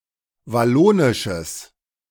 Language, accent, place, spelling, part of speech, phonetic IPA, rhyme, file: German, Germany, Berlin, wallonisches, adjective, [vaˈloːnɪʃəs], -oːnɪʃəs, De-wallonisches.ogg
- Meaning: strong/mixed nominative/accusative neuter singular of wallonisch